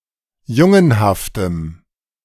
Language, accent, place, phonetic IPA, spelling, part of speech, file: German, Germany, Berlin, [ˈjʊŋənhaftəm], jungenhaftem, adjective, De-jungenhaftem.ogg
- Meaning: strong dative masculine/neuter singular of jungenhaft